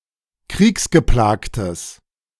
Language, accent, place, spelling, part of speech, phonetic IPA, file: German, Germany, Berlin, kriegsgeplagtes, adjective, [ˈkʁiːksɡəˌplaːktəs], De-kriegsgeplagtes.ogg
- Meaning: strong/mixed nominative/accusative neuter singular of kriegsgeplagt